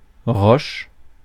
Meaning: rock (large mass of stone)
- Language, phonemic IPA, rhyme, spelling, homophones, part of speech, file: French, /ʁɔʃ/, -ɔʃ, roche, roches, noun, Fr-roche.ogg